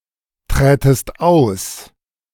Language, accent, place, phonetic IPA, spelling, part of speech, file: German, Germany, Berlin, [ˌtʁɛːtəst ˈaʊ̯s], trätest aus, verb, De-trätest aus.ogg
- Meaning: second-person singular subjunctive II of austreten